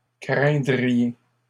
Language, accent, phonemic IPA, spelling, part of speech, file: French, Canada, /kʁɛ̃.dʁi.je/, craindriez, verb, LL-Q150 (fra)-craindriez.wav
- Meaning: second-person plural conditional of craindre